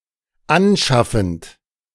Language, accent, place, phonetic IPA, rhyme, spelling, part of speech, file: German, Germany, Berlin, [ˈanˌʃafn̩t], -anʃafn̩t, anschaffend, verb, De-anschaffend.ogg
- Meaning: present participle of anschaffen